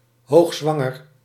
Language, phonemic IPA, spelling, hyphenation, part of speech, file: Dutch, /ˌɦoːxˈzʋɑ.ŋər/, hoogzwanger, hoog‧zwan‧ger, adjective, Nl-hoogzwanger.ogg
- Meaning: being towards the end of one's pregnancy